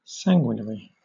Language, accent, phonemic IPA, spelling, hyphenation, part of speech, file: English, Southern England, /ˈsæŋɡwɪnəɹi/, sanguinary, san‧gui‧nar‧y, adjective / noun, LL-Q1860 (eng)-sanguinary.wav
- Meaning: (adjective) 1. Involving bloodshed 2. Eager to shed blood; bloodthirsty 3. Consisting of, covered with, or similar in appearance to blood; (noun) A bloodthirsty person